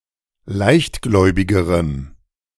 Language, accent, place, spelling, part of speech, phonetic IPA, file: German, Germany, Berlin, leichtgläubigerem, adjective, [ˈlaɪ̯çtˌɡlɔɪ̯bɪɡəʁəm], De-leichtgläubigerem.ogg
- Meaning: strong dative masculine/neuter singular comparative degree of leichtgläubig